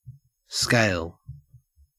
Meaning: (noun) 1. A ladder; a series of steps; a means of ascending 2. An ordered, usually numerical sequence used for measurement; means of assigning a magnitude 3. Size; scope
- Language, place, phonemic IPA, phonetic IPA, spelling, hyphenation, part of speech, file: English, Queensland, /skæɪl/, [skæɪ̯(ə)ɫ], scale, scale, noun / verb, En-au-scale.ogg